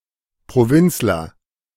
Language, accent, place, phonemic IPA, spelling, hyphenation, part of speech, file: German, Germany, Berlin, /pʁoˈvɪnt͡slɐ/, Provinzler, Pro‧vinz‧ler, noun, De-Provinzler.ogg
- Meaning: provincial